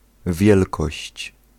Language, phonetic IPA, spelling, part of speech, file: Polish, [ˈvʲjɛlkɔɕt͡ɕ], wielkość, noun, Pl-wielkość.ogg